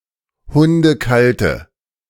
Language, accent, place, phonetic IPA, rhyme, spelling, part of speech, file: German, Germany, Berlin, [ˌhʊndəˈkaltə], -altə, hundekalte, adjective, De-hundekalte.ogg
- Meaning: inflection of hundekalt: 1. strong/mixed nominative/accusative feminine singular 2. strong nominative/accusative plural 3. weak nominative all-gender singular